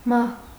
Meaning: death
- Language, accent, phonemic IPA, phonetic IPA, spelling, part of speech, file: Armenian, Eastern Armenian, /mɑh/, [mɑh], մահ, noun, Hy-մահ.ogg